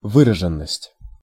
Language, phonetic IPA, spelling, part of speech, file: Russian, [ˈvɨrəʐɨn(ː)əsʲtʲ], выраженность, noun, Ru-выраженность.ogg
- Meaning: 1. severity 2. distinctness, clarity 3. certainty 4. clear manifestation